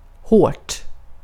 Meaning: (adjective) indefinite neuter singular of hård; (adverb) 1. in a hard manner; inflexibly, unyieldingly 2. in a manner which demands a lot of effort to endure 3. in a hard manner; severely, harshly
- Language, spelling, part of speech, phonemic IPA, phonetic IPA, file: Swedish, hårt, adjective / adverb, /hoːʈ/, [hoə̯ʈ], Sv-hårt.ogg